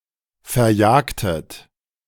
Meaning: inflection of verjagen: 1. second-person plural preterite 2. second-person plural subjunctive II
- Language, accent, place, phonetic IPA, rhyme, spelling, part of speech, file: German, Germany, Berlin, [fɛɐ̯ˈjaːktət], -aːktət, verjagtet, verb, De-verjagtet.ogg